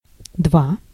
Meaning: 1. two (2) 2. two (out of five), poor; D mark, D grade
- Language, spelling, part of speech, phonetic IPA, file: Russian, два, numeral, [ˈdva], Ru-два.ogg